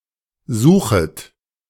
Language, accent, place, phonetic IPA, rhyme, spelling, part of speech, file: German, Germany, Berlin, [ˈzuːxət], -uːxət, suchet, verb, De-suchet.ogg
- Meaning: second-person plural subjunctive I of suchen